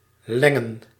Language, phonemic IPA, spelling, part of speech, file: Dutch, /ˈlɛŋə(n)/, lengen, verb / noun, Nl-lengen.ogg
- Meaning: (verb) to become longer; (noun) plural of leng